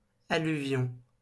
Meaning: alluvial deposits
- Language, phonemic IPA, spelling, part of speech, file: French, /a.ly.vjɔ̃/, alluvion, noun, LL-Q150 (fra)-alluvion.wav